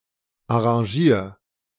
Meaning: 1. singular imperative of arrangieren 2. first-person singular present of arrangieren
- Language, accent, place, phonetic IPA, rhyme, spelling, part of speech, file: German, Germany, Berlin, [aʁɑ̃ˈʒiːɐ̯], -iːɐ̯, arrangier, verb, De-arrangier.ogg